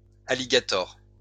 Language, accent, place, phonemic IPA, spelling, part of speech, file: French, France, Lyon, /a.li.ɡa.tɔʁ/, alligators, noun, LL-Q150 (fra)-alligators.wav
- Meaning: plural of alligator